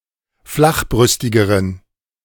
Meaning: inflection of flachbrüstig: 1. strong genitive masculine/neuter singular comparative degree 2. weak/mixed genitive/dative all-gender singular comparative degree
- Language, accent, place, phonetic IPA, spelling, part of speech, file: German, Germany, Berlin, [ˈflaxˌbʁʏstɪɡəʁən], flachbrüstigeren, adjective, De-flachbrüstigeren.ogg